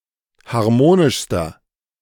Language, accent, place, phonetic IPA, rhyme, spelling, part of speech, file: German, Germany, Berlin, [haʁˈmoːnɪʃstɐ], -oːnɪʃstɐ, harmonischster, adjective, De-harmonischster.ogg
- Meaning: inflection of harmonisch: 1. strong/mixed nominative masculine singular superlative degree 2. strong genitive/dative feminine singular superlative degree 3. strong genitive plural superlative degree